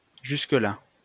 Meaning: 1. up to there 2. until then
- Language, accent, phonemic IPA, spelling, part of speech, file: French, France, /ʒys.k(ə).la/, jusque-là, adverb, LL-Q150 (fra)-jusque-là.wav